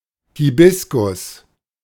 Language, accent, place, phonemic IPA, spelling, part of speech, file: German, Germany, Berlin, /hiˈbɪskʊs/, Hibiskus, noun, De-Hibiskus.ogg
- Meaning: hibiscus